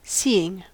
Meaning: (verb) present participle and gerund of see; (adjective) Having vision; not blind; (noun) The act or fact of perceiving something with the eyes; eyesight
- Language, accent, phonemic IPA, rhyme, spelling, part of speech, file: English, US, /ˈsiː.ɪŋ/, -iːɪŋ, seeing, verb / adjective / noun / conjunction, En-us-seeing.ogg